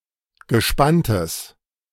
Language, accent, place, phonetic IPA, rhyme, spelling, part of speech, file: German, Germany, Berlin, [ɡəˈʃpantəs], -antəs, gespanntes, adjective, De-gespanntes.ogg
- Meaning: strong/mixed nominative/accusative neuter singular of gespannt